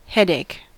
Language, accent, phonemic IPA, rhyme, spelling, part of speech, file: English, US, /ˈhɛdeɪk/, -ɛdeɪk, headache, noun, En-us-headache.ogg
- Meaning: 1. A pain or ache in the head 2. A nuisance or unpleasant problem